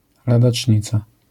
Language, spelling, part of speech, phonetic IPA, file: Polish, ladacznica, noun, [ˌladat͡ʃʲˈɲit͡sa], LL-Q809 (pol)-ladacznica.wav